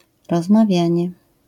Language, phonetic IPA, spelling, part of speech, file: Polish, [ˌrɔzmaˈvʲjä̃ɲɛ], rozmawianie, noun, LL-Q809 (pol)-rozmawianie.wav